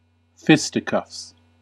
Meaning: 1. plural of fisticuff 2. An impromptu fight with the fists, usually between only two people 3. Bare-knuckled boxing, a form of boxing done without boxing gloves or similar padding
- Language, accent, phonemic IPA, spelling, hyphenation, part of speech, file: English, US, /ˈfɪs.tɪˌkəfs/, fisticuffs, fis‧ti‧cuffs, noun, En-us-fisticuffs.ogg